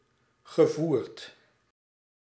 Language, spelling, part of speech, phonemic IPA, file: Dutch, gevoerd, verb / adjective, /ɣəˈvurt/, Nl-gevoerd.ogg
- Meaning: past participle of voeren